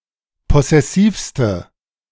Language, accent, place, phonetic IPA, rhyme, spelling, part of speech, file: German, Germany, Berlin, [ˌpɔsɛˈsiːfstə], -iːfstə, possessivste, adjective, De-possessivste.ogg
- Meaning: inflection of possessiv: 1. strong/mixed nominative/accusative feminine singular superlative degree 2. strong nominative/accusative plural superlative degree